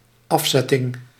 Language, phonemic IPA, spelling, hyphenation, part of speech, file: Dutch, /ˈɑfˌzɛ.tɪŋ/, afzetting, af‧zet‧ting, noun, Nl-afzetting.ogg
- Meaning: 1. cordon, fencing 2. deposit 3. precipitate 4. amputation 5. deposition, removal from office